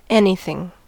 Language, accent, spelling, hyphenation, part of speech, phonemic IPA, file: English, US, anything, an‧y‧thing, pronoun / noun / verb / adverb, /ˈɛn.i.θɪŋ/, En-us-anything.ogg
- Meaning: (pronoun) 1. Any object, act, state, event, or fact whatsoever; a thing of any kind; something or other 2. Expressing an indefinite comparison; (noun) Someone or something of importance